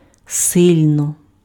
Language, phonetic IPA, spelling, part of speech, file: Ukrainian, [ˈsɪlʲnɔ], сильно, adverb, Uk-сильно.ogg
- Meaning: 1. strongly, powerfully, mightily 2. greatly, heavily, hard, badly (to a large extent)